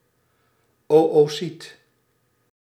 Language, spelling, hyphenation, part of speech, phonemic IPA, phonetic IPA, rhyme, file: Dutch, oöcyt, oö‧cyt, noun, /ˌoː.oːˈsit/, [ˌoʔoˈsit], -it, Nl-oöcyt.ogg
- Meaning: oocyte (cell that develops into egg or ovum)